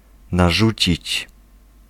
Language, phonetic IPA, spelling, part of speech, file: Polish, [naˈʒut͡ɕit͡ɕ], narzucić, verb, Pl-narzucić.ogg